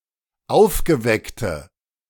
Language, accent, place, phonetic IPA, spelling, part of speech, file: German, Germany, Berlin, [ˈaʊ̯fɡəˌvɛktə], aufgeweckte, adjective, De-aufgeweckte.ogg
- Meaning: inflection of aufgeweckt: 1. strong/mixed nominative/accusative feminine singular 2. strong nominative/accusative plural 3. weak nominative all-gender singular